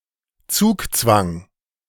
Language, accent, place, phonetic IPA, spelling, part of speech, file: German, Germany, Berlin, [ˈt͡suːkˌt͡sʋaŋ], Zugzwang, noun, De-Zugzwang.ogg
- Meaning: zugzwang: 1. synonym of Zugpflicht (“the rule that a player cannot forgo a move”) 2. a situation where this rule forces a player to make a disadvantageous move